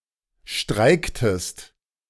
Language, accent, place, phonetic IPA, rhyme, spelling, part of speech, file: German, Germany, Berlin, [ˈʃtʁaɪ̯ktəst], -aɪ̯ktəst, streiktest, verb, De-streiktest.ogg
- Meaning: inflection of streiken: 1. second-person singular preterite 2. second-person singular subjunctive II